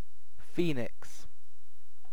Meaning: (proper noun) A mythical firebird; especially the sacred one from ancient Egyptian mythology
- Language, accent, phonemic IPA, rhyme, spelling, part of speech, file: English, UK, /ˈfiːnɪks/, -iːnɪks, Phoenix, proper noun / noun, En-uk-Phoenix.ogg